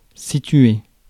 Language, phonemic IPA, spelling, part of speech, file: French, /si.tɥe/, situer, verb, Fr-situer.ogg
- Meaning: 1. to locate (to find the location of something) 2. to situate 3. to be located (at a certain place); To be (for a place)